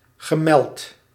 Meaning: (adjective) mentioned; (verb) past participle of melden
- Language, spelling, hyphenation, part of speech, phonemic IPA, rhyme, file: Dutch, gemeld, ge‧meld, adjective / verb, /ɣəˈmɛlt/, -ɛlt, Nl-gemeld.ogg